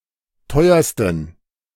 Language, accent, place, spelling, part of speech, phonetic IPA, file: German, Germany, Berlin, teuersten, adjective, [ˈtɔɪ̯ɐstn̩], De-teuersten.ogg
- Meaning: 1. superlative degree of teuer 2. inflection of teuer: strong genitive masculine/neuter singular superlative degree